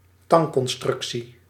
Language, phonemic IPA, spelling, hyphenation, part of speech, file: Dutch, /ˈtɑŋ.kɔnˌstrʏk.si/, tangconstructie, tang‧con‧struc‧tie, noun, Nl-tangconstructie.ogg
- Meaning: a grammatical construct, common in Dutch and German, in which separable elements of the same word or phrase are placed apart, potentially spanning many words; a sentence brace